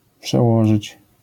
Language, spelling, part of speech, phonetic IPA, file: Polish, przełożyć, verb, [pʃɛˈwɔʒɨt͡ɕ], LL-Q809 (pol)-przełożyć.wav